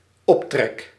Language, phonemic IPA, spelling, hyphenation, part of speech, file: Dutch, /ˈɔp.trɛk/, optrek, op‧trek, noun / verb, Nl-optrek.ogg
- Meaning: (noun) an abode, a residence; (verb) first-person singular dependent-clause present indicative of optrekken